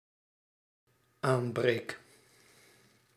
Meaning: first-person singular dependent-clause present indicative of aanbreken
- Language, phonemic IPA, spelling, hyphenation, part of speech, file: Dutch, /ˈaːmˌbreːk/, aanbreek, aan‧breek, verb, Nl-aanbreek.ogg